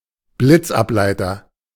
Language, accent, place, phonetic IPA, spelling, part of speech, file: German, Germany, Berlin, [ˈblɪt͡sʔapˌlaɪ̯tɐ], Blitzableiter, noun, De-Blitzableiter.ogg
- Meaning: arrester, lightning arrester, lightning conductor, lightning rod